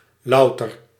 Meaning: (adjective) 1. pure 2. a lot of; a bunch of; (adverb) only, solely, purely
- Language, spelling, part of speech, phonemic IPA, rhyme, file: Dutch, louter, adjective / adverb, /ˈlɑu̯tər/, -ɑu̯tər, Nl-louter.ogg